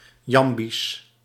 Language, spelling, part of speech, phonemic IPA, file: Dutch, jambisch, adjective, /ˈjɑmbis/, Nl-jambisch.ogg
- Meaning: iambic (consisting of iambs or characterized by their predominance)